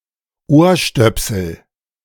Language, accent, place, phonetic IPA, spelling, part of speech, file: German, Germany, Berlin, [ˈoːɐ̯ˌʃtœpsl̩], Ohrstöpsel, noun, De-Ohrstöpsel.ogg
- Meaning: earplug